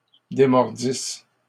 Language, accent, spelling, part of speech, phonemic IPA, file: French, Canada, démordisse, verb, /de.mɔʁ.dis/, LL-Q150 (fra)-démordisse.wav
- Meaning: first-person singular imperfect subjunctive of démordre